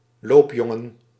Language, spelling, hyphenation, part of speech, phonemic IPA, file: Dutch, loopjongen, loop‧jon‧gen, noun, /ˈloːpˌjɔ.ŋə(n)/, Nl-loopjongen.ogg
- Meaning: errand boy